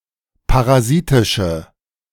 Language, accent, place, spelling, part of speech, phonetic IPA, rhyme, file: German, Germany, Berlin, parasitische, adjective, [paʁaˈziːtɪʃə], -iːtɪʃə, De-parasitische.ogg
- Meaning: inflection of parasitisch: 1. strong/mixed nominative/accusative feminine singular 2. strong nominative/accusative plural 3. weak nominative all-gender singular